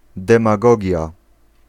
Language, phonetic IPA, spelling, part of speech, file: Polish, [ˌdɛ̃maˈɡɔɟja], demagogia, noun, Pl-demagogia.ogg